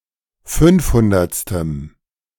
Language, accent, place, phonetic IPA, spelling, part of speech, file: German, Germany, Berlin, [ˈfʏnfˌhʊndɐt͡stəm], fünfhundertstem, adjective, De-fünfhundertstem.ogg
- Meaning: strong dative masculine/neuter singular of fünfhundertste